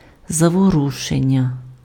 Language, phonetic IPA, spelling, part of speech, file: Ukrainian, [zɐwoˈruʃenʲːɐ], заворушення, noun, Uk-заворушення.ogg
- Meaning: 1. unrest, rioting, disturbances, upheaval 2. verbal noun of заворуши́тися pf (zavorušýtysja)